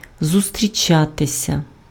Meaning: 1. to meet (with), to encounter, to come across (з (z) + instrumental) 2. to see each other 3. to be found, to be met with, to occur, to happen
- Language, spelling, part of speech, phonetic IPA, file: Ukrainian, зустрічатися, verb, [zʊstʲrʲiˈt͡ʃatesʲɐ], Uk-зустрічатися.ogg